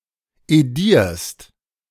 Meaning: second-person singular present of edieren
- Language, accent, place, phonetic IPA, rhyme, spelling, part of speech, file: German, Germany, Berlin, [eˈdiːɐ̯st], -iːɐ̯st, edierst, verb, De-edierst.ogg